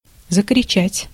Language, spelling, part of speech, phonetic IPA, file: Russian, закричать, verb, [zəkrʲɪˈt͡ɕætʲ], Ru-закричать.ogg
- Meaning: 1. to begin to shout, to cry out, to give a shout 2. to shout out, to cry out